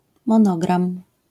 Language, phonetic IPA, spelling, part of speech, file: Polish, [mɔ̃ˈnɔɡrãm], monogram, noun, LL-Q809 (pol)-monogram.wav